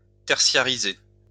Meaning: to become increasingly dependent on the tertiary sector
- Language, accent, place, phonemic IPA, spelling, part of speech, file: French, France, Lyon, /tɛʁ.sja.ʁi.ze/, tertiariser, verb, LL-Q150 (fra)-tertiariser.wav